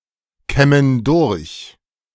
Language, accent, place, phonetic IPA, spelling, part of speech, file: German, Germany, Berlin, [ˌkɛmən ˈdʊʁç], kämmen durch, verb, De-kämmen durch.ogg
- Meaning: inflection of durchkämmen: 1. first/third-person plural present 2. first/third-person plural subjunctive I